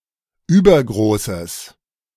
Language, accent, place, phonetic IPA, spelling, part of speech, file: German, Germany, Berlin, [ˈyːbɐɡʁoːsəs], übergroßes, adjective, De-übergroßes.ogg
- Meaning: strong/mixed nominative/accusative neuter singular of übergroß